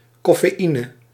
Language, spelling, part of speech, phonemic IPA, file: Dutch, coffeïne, noun, /ˌkɔ.feːˈi.nə/, Nl-coffeïne.ogg
- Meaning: dated form of cafeïne